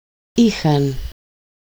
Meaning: third-person plural imperfect of έχω (écho): "they had"
- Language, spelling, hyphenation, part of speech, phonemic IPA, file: Greek, είχαν, εί‧χαν, verb, /ˈi.xan/, El-είχαν.ogg